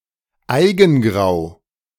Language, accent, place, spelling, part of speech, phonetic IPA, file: German, Germany, Berlin, Eigengrau, noun, [ˈaɪ̯ɡn̩ˌɡʁaʊ̯], De-Eigengrau.ogg
- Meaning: eigengrau